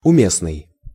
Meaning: 1. relevant 2. pertinent, apt, apposite (appropriate, well-suited) 3. opportune 4. germane 5. in place 6. apropos 7. right 8. pat 9. felicitous 10. pointful 11. seasonable
- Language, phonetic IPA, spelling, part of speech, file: Russian, [ʊˈmʲesnɨj], уместный, adjective, Ru-уместный.ogg